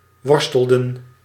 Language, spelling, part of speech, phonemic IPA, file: Dutch, worstelen, verb, /ˈʋɔrs.tə.lə(n)/, Nl-worstelen.ogg
- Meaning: 1. to struggle 2. to wrestle